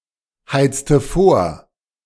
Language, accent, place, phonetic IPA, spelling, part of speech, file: German, Germany, Berlin, [ˌhaɪ̯t͡stə ˈfoːɐ̯], heizte vor, verb, De-heizte vor.ogg
- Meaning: inflection of vorheizen: 1. first/third-person singular preterite 2. first/third-person singular subjunctive II